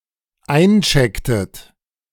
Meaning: inflection of einchecken: 1. second-person plural dependent preterite 2. second-person plural dependent subjunctive II
- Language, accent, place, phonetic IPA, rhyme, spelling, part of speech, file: German, Germany, Berlin, [ˈaɪ̯nˌt͡ʃɛktət], -aɪ̯nt͡ʃɛktət, einchecktet, verb, De-einchecktet.ogg